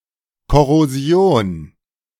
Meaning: corrosion
- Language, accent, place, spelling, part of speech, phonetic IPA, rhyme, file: German, Germany, Berlin, Korrosion, noun, [kɔʁoˈzi̯oːn], -oːn, De-Korrosion.ogg